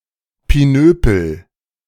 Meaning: a protrusion or stud of any kind, especially one designed for some function (in devices, fasteners, packaging, etc.)
- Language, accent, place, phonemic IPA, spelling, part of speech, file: German, Germany, Berlin, /piˈnøːpəl/, Pinöpel, noun, De-Pinöpel.ogg